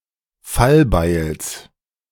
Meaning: genitive singular of Fallbeil
- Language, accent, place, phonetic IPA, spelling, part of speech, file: German, Germany, Berlin, [ˈfalˌbaɪ̯ls], Fallbeils, noun, De-Fallbeils.ogg